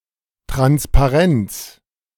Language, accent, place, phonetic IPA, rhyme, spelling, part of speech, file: German, Germany, Berlin, [ˌtʁanspaˈʁɛnt͡s], -ɛnt͡s, Transparents, noun, De-Transparents.ogg
- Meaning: genitive singular of Transparent